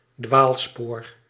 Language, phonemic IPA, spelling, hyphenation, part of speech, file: Dutch, /ˈdʋaːl.spoːr/, dwaalspoor, dwaal‧spoor, noun, Nl-dwaalspoor.ogg
- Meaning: wrong track (often used in the following phrase)